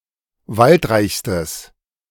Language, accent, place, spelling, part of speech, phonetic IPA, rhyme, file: German, Germany, Berlin, waldreichstes, adjective, [ˈvaltˌʁaɪ̯çstəs], -altʁaɪ̯çstəs, De-waldreichstes.ogg
- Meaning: strong/mixed nominative/accusative neuter singular superlative degree of waldreich